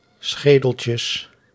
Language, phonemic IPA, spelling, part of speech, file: Dutch, /ˈsxedəcəs/, schedetjes, noun, Nl-schedetjes.ogg
- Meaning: plural of schedetje